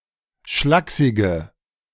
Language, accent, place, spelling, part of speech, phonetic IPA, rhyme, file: German, Germany, Berlin, schlaksige, adjective, [ˈʃlaːksɪɡə], -aːksɪɡə, De-schlaksige.ogg
- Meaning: inflection of schlaksig: 1. strong/mixed nominative/accusative feminine singular 2. strong nominative/accusative plural 3. weak nominative all-gender singular